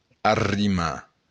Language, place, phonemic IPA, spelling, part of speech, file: Occitan, Béarn, /ar.riˈma/, arrimar, verb, LL-Q14185 (oci)-arrimar.wav
- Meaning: to stow, belay